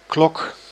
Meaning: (noun) 1. clock 2. watch, wristwatch 3. bell 4. protective cloche 5. something bell-shaped, as some flowers; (verb) inflection of klokken: first-person singular present indicative
- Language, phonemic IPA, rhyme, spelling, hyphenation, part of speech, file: Dutch, /klɔk/, -ɔk, klok, klok, noun / verb, Nl-klok.ogg